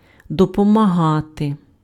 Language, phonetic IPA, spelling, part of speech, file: Ukrainian, [dɔpɔmɐˈɦate], допомагати, verb, Uk-допомагати.ogg
- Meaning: to help, to assist